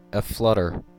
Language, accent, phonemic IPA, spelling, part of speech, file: English, US, /əˈflʌt.ɚ/, aflutter, adjective, En-us-aflutter.ogg
- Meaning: 1. Fluttering 2. Filled or covered (with something that flutters) 3. In a state of tremulous excitement, anticipation or confusion